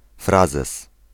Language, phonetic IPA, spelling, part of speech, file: Polish, [ˈfrazɛs], frazes, noun, Pl-frazes.ogg